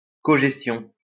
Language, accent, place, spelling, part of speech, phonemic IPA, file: French, France, Lyon, cogestion, noun, /kɔ.ʒɛs.tjɔ̃/, LL-Q150 (fra)-cogestion.wav
- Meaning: comanagement, coadministration